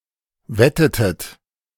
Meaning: inflection of wetten: 1. second-person plural preterite 2. second-person plural subjunctive II
- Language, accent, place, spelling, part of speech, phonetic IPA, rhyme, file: German, Germany, Berlin, wettetet, verb, [ˈvɛtətət], -ɛtətət, De-wettetet.ogg